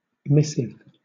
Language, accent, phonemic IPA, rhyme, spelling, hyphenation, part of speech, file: English, Southern England, /ˈmɪsɪv/, -ɪsɪv, missive, miss‧ive, noun / adjective, LL-Q1860 (eng)-missive.wav
- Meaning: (noun) 1. A written message; a letter, note or memo 2. Letters sent between two parties in which one makes an offer and the other accepts it 3. One who is sent; a messenger